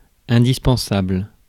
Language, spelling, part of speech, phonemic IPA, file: French, indispensable, adjective, /ɛ̃.dis.pɑ̃.sabl/, Fr-indispensable.ogg
- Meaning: indispensable